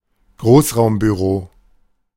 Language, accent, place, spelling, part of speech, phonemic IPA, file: German, Germany, Berlin, Großraumbüro, noun, /ˈɡʁoːs.ʁaʊ̯m.byˌʁoː/, De-Großraumbüro.ogg
- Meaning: open-plan office